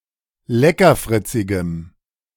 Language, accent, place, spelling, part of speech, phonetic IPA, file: German, Germany, Berlin, leckerfritzigem, adjective, [ˈlɛkɐˌfʁɪt͡sɪɡəm], De-leckerfritzigem.ogg
- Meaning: strong dative masculine/neuter singular of leckerfritzig